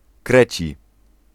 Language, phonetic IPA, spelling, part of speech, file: Polish, [ˈkrɛt͡ɕi], kreci, adjective, Pl-kreci.ogg